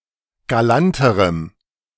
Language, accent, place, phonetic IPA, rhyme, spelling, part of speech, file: German, Germany, Berlin, [ɡaˈlantəʁəm], -antəʁəm, galanterem, adjective, De-galanterem.ogg
- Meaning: strong dative masculine/neuter singular comparative degree of galant